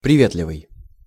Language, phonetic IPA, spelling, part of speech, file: Russian, [prʲɪˈvʲetlʲɪvɨj], приветливый, adjective, Ru-приветливый.ogg
- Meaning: affable, neighborly, communicable, forthcoming